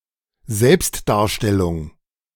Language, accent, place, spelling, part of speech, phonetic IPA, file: German, Germany, Berlin, Selbstdarstellung, noun, [ˈzɛlpstdaːɐ̯ˌʃtɛlʊŋ], De-Selbstdarstellung.ogg
- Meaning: 1. showmanship, grandstanding 2. self-portrait 3. self-representation